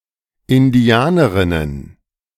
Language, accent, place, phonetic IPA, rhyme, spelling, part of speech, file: German, Germany, Berlin, [ɪnˈdi̯aːnəʁɪnən], -aːnəʁɪnən, Indianerinnen, noun, De-Indianerinnen.ogg
- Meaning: plural of Indianerin